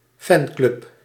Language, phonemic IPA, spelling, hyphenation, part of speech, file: Dutch, /ˈfɛn.klʏp/, fanclub, fan‧club, noun, Nl-fanclub.ogg
- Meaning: fan club